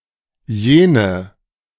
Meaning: 1. nominative feminine singular of jener 2. accusative feminine singular of jener 3. nominative plural of jener 4. accusative plural of jener
- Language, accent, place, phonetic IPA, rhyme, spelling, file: German, Germany, Berlin, [ˈjeːnə], -eːnə, jene, De-jene.ogg